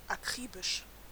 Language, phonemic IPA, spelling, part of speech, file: German, /aˈkʁiːbɪʃ/, akribisch, adjective, De-akribisch.ogg
- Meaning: meticulous